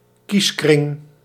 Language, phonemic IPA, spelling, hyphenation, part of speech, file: Dutch, /ˈkis.krɪŋ/, kieskring, kies‧kring, noun, Nl-kieskring.ogg
- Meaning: administrative regional electoral district (often of considerable size)